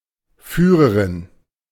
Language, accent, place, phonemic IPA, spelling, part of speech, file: German, Germany, Berlin, /ˈfyːʁəʁɪn/, Führerin, noun, De-Führerin.ogg
- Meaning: female equivalent of Führer